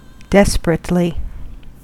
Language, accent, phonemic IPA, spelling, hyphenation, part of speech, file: English, US, /ˈdɛs.p(ə.)ɹət.li/, desperately, des‧per‧ate‧ly, adverb, En-us-desperately.ogg
- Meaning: 1. In a desperate manner; without regard to danger or safety; recklessly 2. extremely